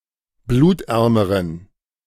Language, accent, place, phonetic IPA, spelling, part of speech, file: German, Germany, Berlin, [ˈbluːtˌʔɛʁməʁən], blutärmeren, adjective, De-blutärmeren.ogg
- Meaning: inflection of blutarm: 1. strong genitive masculine/neuter singular comparative degree 2. weak/mixed genitive/dative all-gender singular comparative degree